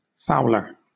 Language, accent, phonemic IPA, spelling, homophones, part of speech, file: English, Southern England, /ˈfaʊlə(ɹ)/, fowler, fouler / Fowler, noun, LL-Q1860 (eng)-fowler.wav
- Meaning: A hunter of wildfowl